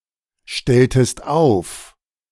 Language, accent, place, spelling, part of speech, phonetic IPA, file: German, Germany, Berlin, stelltest auf, verb, [ˌʃtɛltəst ˈaʊ̯f], De-stelltest auf.ogg
- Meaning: inflection of aufstellen: 1. second-person singular preterite 2. second-person singular subjunctive II